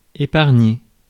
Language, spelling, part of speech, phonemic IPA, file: French, épargner, verb, /e.paʁ.ɲe/, Fr-épargner.ogg
- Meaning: 1. to save (time, money etc.) 2. to save, spare (someone from something)